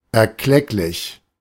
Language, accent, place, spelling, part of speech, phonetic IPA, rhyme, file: German, Germany, Berlin, erklecklich, adjective, [ˌɛɐ̯ˈklɛklɪç], -ɛklɪç, De-erklecklich.ogg
- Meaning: considerable